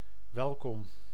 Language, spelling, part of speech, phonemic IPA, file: Dutch, welkom, adjective / interjection, /ˈʋɛlkɔm/, Nl-welkom.ogg
- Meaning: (adjective) welcome; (interjection) welcome!